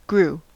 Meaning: 1. simple past of grow 2. past participle of grow 3. Alternative form of grue (“shudder with fear”)
- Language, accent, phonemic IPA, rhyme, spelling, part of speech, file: English, US, /ɡɹu/, -uː, grew, verb, En-us-grew.ogg